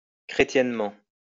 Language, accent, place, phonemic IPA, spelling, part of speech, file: French, France, Lyon, /kʁe.tjɛn.mɑ̃t/, chrétiennement, adverb, LL-Q150 (fra)-chrétiennement.wav
- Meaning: Christianly